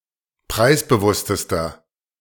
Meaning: inflection of preisbewusst: 1. strong/mixed nominative masculine singular superlative degree 2. strong genitive/dative feminine singular superlative degree 3. strong genitive plural superlative degree
- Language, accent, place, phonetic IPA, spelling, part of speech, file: German, Germany, Berlin, [ˈpʁaɪ̯sbəˌvʊstəstɐ], preisbewusstester, adjective, De-preisbewusstester.ogg